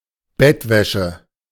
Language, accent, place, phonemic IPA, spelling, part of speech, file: German, Germany, Berlin, /ˈbɛtˌvɛʃə/, Bettwäsche, noun, De-Bettwäsche.ogg
- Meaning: bedding, bedclothes, bedlinen